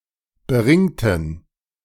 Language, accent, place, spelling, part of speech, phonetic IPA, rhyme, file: German, Germany, Berlin, beringten, adjective / verb, [bəˈʁɪŋtn̩], -ɪŋtn̩, De-beringten.ogg
- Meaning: inflection of beringt: 1. strong genitive masculine/neuter singular 2. weak/mixed genitive/dative all-gender singular 3. strong/weak/mixed accusative masculine singular 4. strong dative plural